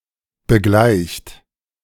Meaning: inflection of begleichen: 1. third-person singular present 2. second-person plural present 3. plural imperative
- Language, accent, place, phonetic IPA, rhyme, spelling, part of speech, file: German, Germany, Berlin, [bəˈɡlaɪ̯çt], -aɪ̯çt, begleicht, verb, De-begleicht.ogg